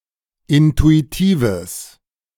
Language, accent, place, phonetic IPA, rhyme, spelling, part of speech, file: German, Germany, Berlin, [ˌɪntuiˈtiːvəs], -iːvəs, intuitives, adjective, De-intuitives.ogg
- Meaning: strong/mixed nominative/accusative neuter singular of intuitiv